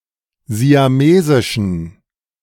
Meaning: inflection of siamesisch: 1. strong genitive masculine/neuter singular 2. weak/mixed genitive/dative all-gender singular 3. strong/weak/mixed accusative masculine singular 4. strong dative plural
- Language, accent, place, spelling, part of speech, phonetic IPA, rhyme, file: German, Germany, Berlin, siamesischen, adjective, [zi̯aˈmeːzɪʃn̩], -eːzɪʃn̩, De-siamesischen.ogg